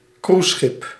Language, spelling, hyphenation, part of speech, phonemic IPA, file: Dutch, cruiseschip, cruise‧schip, noun, /ˈkruːs.sxɪp/, Nl-cruiseschip.ogg
- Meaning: a cruise ship